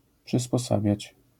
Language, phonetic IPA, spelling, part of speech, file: Polish, [ˌpʃɨspɔˈsabʲjät͡ɕ], przysposabiać, verb, LL-Q809 (pol)-przysposabiać.wav